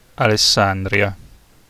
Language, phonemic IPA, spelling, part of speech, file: Italian, /alesˈsandrja/, Alessandria, proper noun, It-Alessandria.ogg